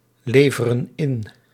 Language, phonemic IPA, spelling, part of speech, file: Dutch, /ˈlevərə(n) ˈɪn/, leveren in, verb, Nl-leveren in.ogg
- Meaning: inflection of inleveren: 1. plural present indicative 2. plural present subjunctive